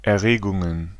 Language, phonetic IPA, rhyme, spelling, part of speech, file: German, [ɛɐ̯ˈʁeːɡʊŋən], -eːɡʊŋən, Erregungen, noun, De-Erregungen.ogg
- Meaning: plural of Erregung